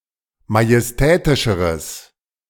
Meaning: strong/mixed nominative/accusative neuter singular comparative degree of majestätisch
- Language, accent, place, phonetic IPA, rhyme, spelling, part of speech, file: German, Germany, Berlin, [majɛsˈtɛːtɪʃəʁəs], -ɛːtɪʃəʁəs, majestätischeres, adjective, De-majestätischeres.ogg